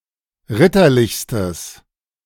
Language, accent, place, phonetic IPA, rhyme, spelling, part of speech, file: German, Germany, Berlin, [ˈʁɪtɐˌlɪçstəs], -ɪtɐlɪçstəs, ritterlichstes, adjective, De-ritterlichstes.ogg
- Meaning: strong/mixed nominative/accusative neuter singular superlative degree of ritterlich